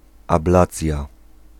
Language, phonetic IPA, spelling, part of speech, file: Polish, [abˈlat͡sʲja], ablacja, noun, Pl-ablacja.ogg